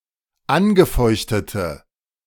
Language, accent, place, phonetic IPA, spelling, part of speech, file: German, Germany, Berlin, [ˈanɡəˌfɔɪ̯çtətə], angefeuchtete, adjective, De-angefeuchtete.ogg
- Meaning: inflection of angefeuchtet: 1. strong/mixed nominative/accusative feminine singular 2. strong nominative/accusative plural 3. weak nominative all-gender singular